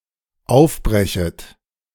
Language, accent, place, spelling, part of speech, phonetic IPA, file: German, Germany, Berlin, aufbrechet, verb, [ˈaʊ̯fˌbʁɛçət], De-aufbrechet.ogg
- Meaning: second-person plural dependent subjunctive I of aufbrechen